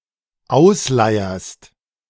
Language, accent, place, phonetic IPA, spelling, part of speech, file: German, Germany, Berlin, [ˈaʊ̯sˌlaɪ̯ɐst], ausleierst, verb, De-ausleierst.ogg
- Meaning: second-person singular dependent present of ausleiern